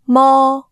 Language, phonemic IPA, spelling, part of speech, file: Cantonese, /mɔː˥/, mo1, romanization, Yue-mo1.ogg
- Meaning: 1. Jyutping transcription of 魔 2. Jyutping transcription of 摩